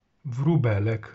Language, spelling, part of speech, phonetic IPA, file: Polish, wróbelek, noun, [vruˈbɛlɛk], Pl-wróbelek.ogg